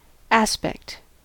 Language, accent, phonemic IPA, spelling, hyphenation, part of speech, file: English, US, /ˈæspɛkt/, aspect, as‧pect, noun / verb, En-us-aspect.ogg
- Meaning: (noun) 1. Any specific feature, part, or element of something 2. The way something appears when viewed from a certain direction or perspective